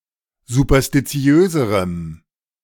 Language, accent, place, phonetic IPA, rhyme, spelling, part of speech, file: German, Germany, Berlin, [zupɐstiˈt͡si̯øːzəʁəm], -øːzəʁəm, superstitiöserem, adjective, De-superstitiöserem.ogg
- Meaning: strong dative masculine/neuter singular comparative degree of superstitiös